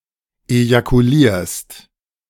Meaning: second-person singular present of ejakulieren
- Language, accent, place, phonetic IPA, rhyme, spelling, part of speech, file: German, Germany, Berlin, [ejakuˈliːɐ̯st], -iːɐ̯st, ejakulierst, verb, De-ejakulierst.ogg